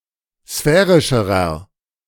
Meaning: inflection of sphärisch: 1. strong/mixed nominative masculine singular comparative degree 2. strong genitive/dative feminine singular comparative degree 3. strong genitive plural comparative degree
- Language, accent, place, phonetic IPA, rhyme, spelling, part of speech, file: German, Germany, Berlin, [ˈsfɛːʁɪʃəʁɐ], -ɛːʁɪʃəʁɐ, sphärischerer, adjective, De-sphärischerer.ogg